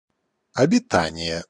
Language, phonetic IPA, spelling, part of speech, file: Russian, [ɐbʲɪˈtanʲɪje], обитание, noun, Ru-обитание.ogg
- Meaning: habitation